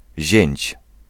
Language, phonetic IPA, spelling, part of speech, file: Polish, [ʑɛ̇̃ɲt͡ɕ], zięć, noun, Pl-zięć.ogg